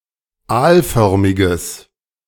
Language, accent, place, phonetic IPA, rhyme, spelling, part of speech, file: German, Germany, Berlin, [ˈaːlˌfœʁmɪɡəs], -aːlfœʁmɪɡəs, aalförmiges, adjective, De-aalförmiges.ogg
- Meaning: strong/mixed nominative/accusative neuter singular of aalförmig